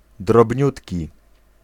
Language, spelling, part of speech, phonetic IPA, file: Polish, drobniutki, adjective, [drɔbʲˈɲutʲci], Pl-drobniutki.ogg